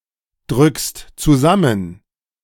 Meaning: second-person singular present of zusammendrücken
- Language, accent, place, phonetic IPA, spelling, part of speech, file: German, Germany, Berlin, [ˌdʁʏkst t͡suˈzamən], drückst zusammen, verb, De-drückst zusammen.ogg